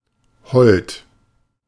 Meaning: 1. affectionate, devoted, faithful, loyal 2. gracious, graceful, comely, dainty
- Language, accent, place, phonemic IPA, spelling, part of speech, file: German, Germany, Berlin, /hɔlt/, hold, adjective, De-hold.ogg